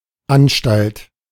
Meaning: 1. institution, public establishment 2. an institution for sanatory, educational and/or penal purposes, especially a mental hospital 3. preparations or initial steps (for some endeavour)
- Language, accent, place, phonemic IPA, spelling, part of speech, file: German, Germany, Berlin, /ˈanʃtalt/, Anstalt, noun, De-Anstalt.ogg